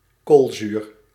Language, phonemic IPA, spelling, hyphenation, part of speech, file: Dutch, /ˈkoːl.zyːr/, koolzuur, kool‧zuur, noun, Nl-koolzuur.ogg
- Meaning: carbonic acid – H₂CO₃